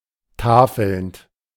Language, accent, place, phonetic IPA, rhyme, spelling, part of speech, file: German, Germany, Berlin, [ˈtaːfl̩nt], -aːfl̩nt, tafelnd, verb, De-tafelnd.ogg
- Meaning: present participle of tafeln